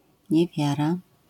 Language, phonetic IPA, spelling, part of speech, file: Polish, [ɲɛˈvʲjara], niewiara, noun, LL-Q809 (pol)-niewiara.wav